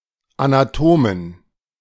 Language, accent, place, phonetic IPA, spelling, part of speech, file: German, Germany, Berlin, [ˌanaˈtoːmen], Anatomen, noun, De-Anatomen.ogg
- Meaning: 1. genitive singular of Anatom 2. nominative plural of Anatom 3. genitive plural of Anatom 4. dative plural of Anatom 5. accusative plural of Anatom